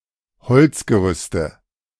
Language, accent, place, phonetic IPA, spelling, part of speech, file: German, Germany, Berlin, [ˈhɔlt͡sɡəˌʁʏstə], Holzgerüste, noun, De-Holzgerüste.ogg
- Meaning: nominative/accusative/genitive plural of Holzgerüst